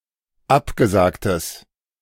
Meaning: strong/mixed nominative/accusative neuter singular of abgesagt
- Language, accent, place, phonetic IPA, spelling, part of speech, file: German, Germany, Berlin, [ˈapɡəˌzaːktəs], abgesagtes, adjective, De-abgesagtes.ogg